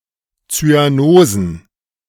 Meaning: plural of Zyanose
- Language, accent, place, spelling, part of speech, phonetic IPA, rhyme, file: German, Germany, Berlin, Zyanosen, noun, [t͡syaˈnoːzn̩], -oːzn̩, De-Zyanosen.ogg